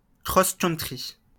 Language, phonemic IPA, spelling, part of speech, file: French, /kʁɔs.kœn.tʁi/, cross-country, noun, LL-Q150 (fra)-cross-country.wav
- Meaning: cross country running (sport)